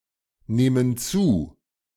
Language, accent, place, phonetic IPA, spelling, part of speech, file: German, Germany, Berlin, [ˌneːmən ˈt͡suː], nehmen zu, verb, De-nehmen zu.ogg
- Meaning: inflection of zunehmen: 1. first/third-person plural present 2. first/third-person plural subjunctive I